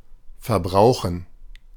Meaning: to consume, to use up
- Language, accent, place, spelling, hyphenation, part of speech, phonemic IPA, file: German, Germany, Berlin, verbrauchen, ver‧brau‧chen, verb, /fɐˈbʁaʊ̯χən/, De-verbrauchen2.ogg